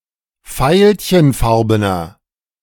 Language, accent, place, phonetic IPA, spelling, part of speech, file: German, Germany, Berlin, [ˈfaɪ̯lçənˌfaʁbənɐ], veilchenfarbener, adjective, De-veilchenfarbener.ogg
- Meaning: inflection of veilchenfarben: 1. strong/mixed nominative masculine singular 2. strong genitive/dative feminine singular 3. strong genitive plural